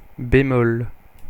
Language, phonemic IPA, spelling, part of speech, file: French, /be.mɔl/, bémol, noun, Fr-bémol.oga
- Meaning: 1. flat, bemol 2. dampener, caveat